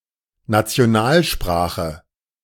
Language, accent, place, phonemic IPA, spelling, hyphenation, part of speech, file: German, Germany, Berlin, /nat͡si̯oˈnaːlˌʃpʁaːxə/, Nationalsprache, Na‧ti‧o‧nal‧spra‧che, noun, De-Nationalsprache.ogg
- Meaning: national language (a language considered, usually by law, to be a native part of the national culture)